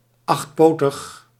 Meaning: eight-legged (chiefly in relation to animals)
- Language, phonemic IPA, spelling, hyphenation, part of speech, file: Dutch, /ˌɑxtˈpoː.təx/, achtpotig, acht‧po‧tig, adjective, Nl-achtpotig.ogg